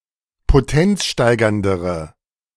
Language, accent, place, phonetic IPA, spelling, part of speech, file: German, Germany, Berlin, [poˈtɛnt͡sˌʃtaɪ̯ɡɐndəʁə], potenzsteigerndere, adjective, De-potenzsteigerndere.ogg
- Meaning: inflection of potenzsteigernd: 1. strong/mixed nominative/accusative feminine singular comparative degree 2. strong nominative/accusative plural comparative degree